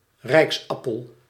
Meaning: a (golden) orb, one of the insignia of monarchy: globus cruciger
- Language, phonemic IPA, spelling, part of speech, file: Dutch, /ˈrɛiksɑpəl/, rijksappel, noun, Nl-rijksappel.ogg